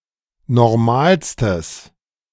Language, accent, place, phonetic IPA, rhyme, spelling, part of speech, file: German, Germany, Berlin, [nɔʁˈmaːlstəs], -aːlstəs, normalstes, adjective, De-normalstes.ogg
- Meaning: strong/mixed nominative/accusative neuter singular superlative degree of normal